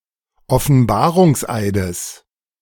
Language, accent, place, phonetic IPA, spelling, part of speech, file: German, Germany, Berlin, [ɔfn̩ˈbaːʁʊŋsˌʔaɪ̯dəs], Offenbarungseides, noun, De-Offenbarungseides.ogg
- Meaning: genitive singular of Offenbarungseid